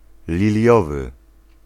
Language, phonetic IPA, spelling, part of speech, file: Polish, [lʲiˈlʲjɔvɨ], liliowy, adjective, Pl-liliowy.ogg